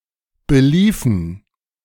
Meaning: inflection of belaufen: 1. first/third-person plural preterite 2. first/third-person plural subjunctive II
- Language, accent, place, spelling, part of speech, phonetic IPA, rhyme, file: German, Germany, Berlin, beliefen, verb, [bəˈliːfn̩], -iːfn̩, De-beliefen.ogg